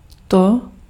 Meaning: nominative/accusative/vocative neuter singular of ten: it, this, that
- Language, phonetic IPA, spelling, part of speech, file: Czech, [ˈto], to, pronoun, Cs-to.ogg